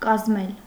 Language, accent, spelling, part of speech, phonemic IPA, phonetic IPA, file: Armenian, Eastern Armenian, կազմել, verb, /kɑzˈmel/, [kɑzmél], Hy-կազմել.ogg
- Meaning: 1. to compose, form, put together 2. to bind (a book)